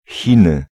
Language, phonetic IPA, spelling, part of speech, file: Polish, [ˈxʲĩnɨ], Chiny, proper noun, Pl-Chiny.ogg